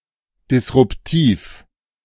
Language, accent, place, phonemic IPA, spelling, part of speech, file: German, Germany, Berlin, /dɪsʁʊpˈtiːf/, disruptiv, adjective, De-disruptiv.ogg
- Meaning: disruptive (causing major change)